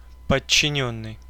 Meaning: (verb) past passive perfective participle of подчини́ть (podčinítʹ); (adjective) 1. subordinate (of a person) 2. subordinate (of a role, position, nature, etc.; inanimate)
- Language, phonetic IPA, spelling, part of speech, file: Russian, [pət͡ɕːɪˈnʲɵnːɨj], подчинённый, verb / adjective / noun, Ru-подчинённый.ogg